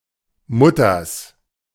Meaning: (noun) genitive singular of Mutter; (proper noun) a municipality of Tyrol, Austria
- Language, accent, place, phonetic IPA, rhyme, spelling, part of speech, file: German, Germany, Berlin, [ˈmʊtɐs], -ʊtɐs, Mutters, proper noun / noun, De-Mutters.ogg